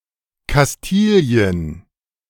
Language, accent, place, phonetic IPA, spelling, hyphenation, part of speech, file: German, Germany, Berlin, [kasˈtiːli̯ən], Kastilien, Kas‧ti‧li‧en, proper noun, De-Kastilien.ogg
- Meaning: Castile (a medieval kingdom and former county in the Iberian Peninsula; the nucleus of modern Spain)